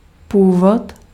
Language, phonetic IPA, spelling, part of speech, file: Czech, [ˈpuːvot], původ, noun, Cs-původ.ogg
- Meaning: 1. origin 2. extraction, descent